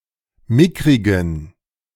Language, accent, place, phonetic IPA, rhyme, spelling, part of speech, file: German, Germany, Berlin, [ˈmɪkʁɪɡn̩], -ɪkʁɪɡn̩, mickrigen, adjective, De-mickrigen.ogg
- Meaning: inflection of mickrig: 1. strong genitive masculine/neuter singular 2. weak/mixed genitive/dative all-gender singular 3. strong/weak/mixed accusative masculine singular 4. strong dative plural